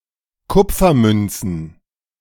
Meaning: plural of Kupfermünze
- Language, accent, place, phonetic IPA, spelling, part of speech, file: German, Germany, Berlin, [ˈkʊp͡fɐˌmʏnt͡sn̩], Kupfermünzen, noun, De-Kupfermünzen.ogg